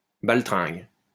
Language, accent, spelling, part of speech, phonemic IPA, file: French, France, baltringue, noun, /bal.tʁɛ̃ɡ/, LL-Q150 (fra)-baltringue.wav
- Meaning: numpty, dolt, loser, moron